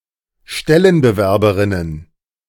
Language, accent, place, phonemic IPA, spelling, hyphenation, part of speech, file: German, Germany, Berlin, /ˈʃtɛlənbəˌvɛʁbɐn/, Stellenbewerbern, Stel‧len‧be‧wer‧bern, noun, De-Stellenbewerbern.ogg
- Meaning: dative plural of Stellenbewerber